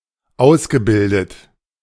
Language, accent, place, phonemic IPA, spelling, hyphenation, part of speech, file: German, Germany, Berlin, /ˈaʊ̯sɡəˌbɪldət/, ausgebildet, aus‧ge‧bil‧det, verb, De-ausgebildet.ogg
- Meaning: past participle of ausbilden